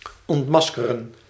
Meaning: to unmask, to expose, to reveal
- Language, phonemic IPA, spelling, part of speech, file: Dutch, /ɔntˈmɑs.kə.rə(n)/, ontmaskeren, verb, Nl-ontmaskeren.ogg